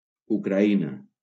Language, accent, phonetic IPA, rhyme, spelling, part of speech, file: Catalan, Valencia, [u.kɾaˈi.na], -ina, Ucraïna, proper noun, LL-Q7026 (cat)-Ucraïna.wav
- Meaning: Ukraine (a country in Eastern Europe, bordering on the north shore of the Black Sea)